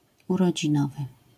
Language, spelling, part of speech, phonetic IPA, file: Polish, urodzinowy, adjective, [ˌurɔd͡ʑĩˈnɔvɨ], LL-Q809 (pol)-urodzinowy.wav